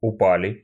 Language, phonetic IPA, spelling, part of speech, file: Russian, [ʊˈpalʲɪ], упали, verb, Ru-упали.ogg
- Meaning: plural past indicative perfective of упа́сть (upástʹ)